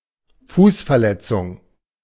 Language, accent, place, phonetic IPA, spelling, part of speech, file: German, Germany, Berlin, [ˈfuːsfɛɐ̯ˌlɛt͡sʊŋ], Fußverletzung, noun, De-Fußverletzung.ogg
- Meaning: foot injury